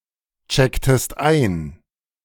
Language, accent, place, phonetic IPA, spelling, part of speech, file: German, Germany, Berlin, [ˌt͡ʃɛktəst ˈaɪ̯n], checktest ein, verb, De-checktest ein.ogg
- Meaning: inflection of einchecken: 1. second-person singular preterite 2. second-person singular subjunctive II